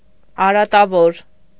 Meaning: vicious, faulty, defective, flawed
- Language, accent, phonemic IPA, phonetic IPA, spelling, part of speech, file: Armenian, Eastern Armenian, /ɑɾɑtɑˈvoɾ/, [ɑɾɑtɑvóɾ], արատավոր, adjective, Hy-արատավոր.ogg